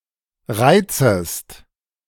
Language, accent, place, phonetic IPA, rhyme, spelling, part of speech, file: German, Germany, Berlin, [ˈʁaɪ̯t͡səst], -aɪ̯t͡səst, reizest, verb, De-reizest.ogg
- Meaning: second-person singular subjunctive I of reizen